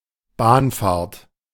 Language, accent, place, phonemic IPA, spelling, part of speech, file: German, Germany, Berlin, /ˈbaːnfaːɐ̯t/, Bahnfahrt, noun, De-Bahnfahrt.ogg
- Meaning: train ride, train trip